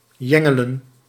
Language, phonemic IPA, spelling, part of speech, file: Dutch, /ˈjɛ.ŋə.lə(n)/, jengelen, verb, Nl-jengelen.ogg
- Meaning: to whimper; drone; whine